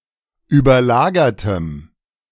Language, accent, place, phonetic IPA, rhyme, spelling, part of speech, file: German, Germany, Berlin, [yːbɐˈlaːɡɐtəm], -aːɡɐtəm, überlagertem, adjective, De-überlagertem.ogg
- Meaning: strong dative masculine/neuter singular of überlagert